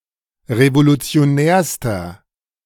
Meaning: inflection of revolutionär: 1. strong/mixed nominative masculine singular superlative degree 2. strong genitive/dative feminine singular superlative degree 3. strong genitive plural superlative degree
- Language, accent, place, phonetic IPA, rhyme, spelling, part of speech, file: German, Germany, Berlin, [ʁevolut͡si̯oˈnɛːɐ̯stɐ], -ɛːɐ̯stɐ, revolutionärster, adjective, De-revolutionärster.ogg